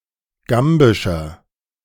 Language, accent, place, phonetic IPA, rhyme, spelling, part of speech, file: German, Germany, Berlin, [ˈɡambɪʃɐ], -ambɪʃɐ, gambischer, adjective, De-gambischer.ogg
- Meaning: inflection of gambisch: 1. strong/mixed nominative masculine singular 2. strong genitive/dative feminine singular 3. strong genitive plural